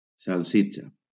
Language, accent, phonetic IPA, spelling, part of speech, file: Catalan, Valencia, [salˈsi.t͡ʃa], salsitxa, noun, LL-Q7026 (cat)-salsitxa.wav
- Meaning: sausage